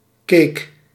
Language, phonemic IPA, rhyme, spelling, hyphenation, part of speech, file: Dutch, /keːk/, -eːk, cake, cake, noun, Nl-cake.ogg
- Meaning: pound cake